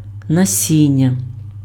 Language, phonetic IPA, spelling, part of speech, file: Ukrainian, [nɐˈsʲinʲːɐ], насіння, noun, Uk-насіння.ogg
- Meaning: seeds (of plants)